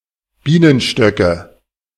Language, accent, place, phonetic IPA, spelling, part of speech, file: German, Germany, Berlin, [ˈbiːnənʃtœkə], Bienenstöcke, noun, De-Bienenstöcke.ogg
- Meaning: nominative/accusative/genitive plural of Bienenstock